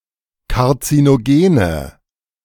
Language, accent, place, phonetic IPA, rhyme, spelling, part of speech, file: German, Germany, Berlin, [kaʁt͡sinoˈɡeːnə], -eːnə, karzinogene, adjective, De-karzinogene.ogg
- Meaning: inflection of karzinogen: 1. strong/mixed nominative/accusative feminine singular 2. strong nominative/accusative plural 3. weak nominative all-gender singular